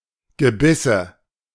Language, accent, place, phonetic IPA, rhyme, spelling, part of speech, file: German, Germany, Berlin, [ɡəˈbɪsə], -ɪsə, Gebisse, noun, De-Gebisse.ogg
- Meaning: nominative/accusative/genitive plural of Gebiss